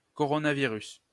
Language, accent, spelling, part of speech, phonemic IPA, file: French, France, coronavirus, noun, /kɔ.ʁɔ.na.vi.ʁys/, LL-Q150 (fra)-coronavirus.wav
- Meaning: coronavirus